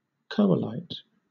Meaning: Nonstandard form of Coalite
- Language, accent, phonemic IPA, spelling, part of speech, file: English, Southern England, /ˈkəʊlaɪt/, coalite, noun, LL-Q1860 (eng)-coalite.wav